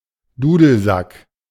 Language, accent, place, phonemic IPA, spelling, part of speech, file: German, Germany, Berlin, /ˈduːdəlˌzak/, Dudelsack, noun, De-Dudelsack.ogg
- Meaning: bagpipes